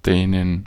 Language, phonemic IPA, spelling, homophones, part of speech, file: German, /ˈdɛːnən/, Dänen, dehnen, noun, De-Dänen.ogg
- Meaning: 1. genitive/dative/accusative singular of Däne 2. plural of Däne